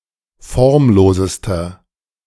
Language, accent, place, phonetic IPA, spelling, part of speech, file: German, Germany, Berlin, [ˈfɔʁmˌloːzəstɐ], formlosester, adjective, De-formlosester.ogg
- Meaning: inflection of formlos: 1. strong/mixed nominative masculine singular superlative degree 2. strong genitive/dative feminine singular superlative degree 3. strong genitive plural superlative degree